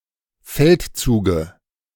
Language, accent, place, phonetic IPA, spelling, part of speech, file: German, Germany, Berlin, [ˈfɛltˌt͡suːɡə], Feldzuge, noun, De-Feldzuge.ogg
- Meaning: dative singular of Feldzug